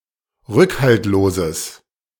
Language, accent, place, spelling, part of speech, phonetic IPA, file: German, Germany, Berlin, rückhaltloses, adjective, [ˈʁʏkhaltloːzəs], De-rückhaltloses.ogg
- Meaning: strong/mixed nominative/accusative neuter singular of rückhaltlos